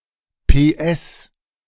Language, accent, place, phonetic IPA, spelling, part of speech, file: German, Germany, Berlin, [peːˈʔɛs], PS, abbreviation, De-PS.ogg
- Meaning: 1. abbreviation of Pferdestärke (“metric horsepower”) 2. abbreviation of Postskriptum (“post scriptum”) 3. abbreviation of Proseminar (“proseminar”) 4. abbreviation of Personenstunde (“man-hour”)